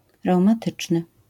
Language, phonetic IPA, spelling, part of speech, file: Polish, [ˌrɛwmaˈtɨt͡ʃnɨ], reumatyczny, adjective, LL-Q809 (pol)-reumatyczny.wav